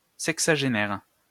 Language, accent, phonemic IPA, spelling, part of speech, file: French, France, /sɛk.sa.ʒe.nɛʁ/, sexagénaire, noun / adjective, LL-Q150 (fra)-sexagénaire.wav
- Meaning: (noun) sexagenarian